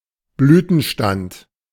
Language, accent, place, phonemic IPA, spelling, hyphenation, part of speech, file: German, Germany, Berlin, /ˈblyːtənˌʃtant/, Blütenstand, Blü‧ten‧stand, noun, De-Blütenstand.ogg
- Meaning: inflorescence